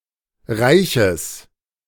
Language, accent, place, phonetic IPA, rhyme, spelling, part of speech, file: German, Germany, Berlin, [ˈʁaɪ̯çəs], -aɪ̯çəs, reiches, adjective, De-reiches.ogg
- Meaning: strong/mixed nominative/accusative neuter singular of reich